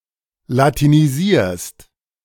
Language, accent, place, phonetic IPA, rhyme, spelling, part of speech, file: German, Germany, Berlin, [latiniˈziːɐ̯st], -iːɐ̯st, latinisierst, verb, De-latinisierst.ogg
- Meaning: second-person singular present of latinisieren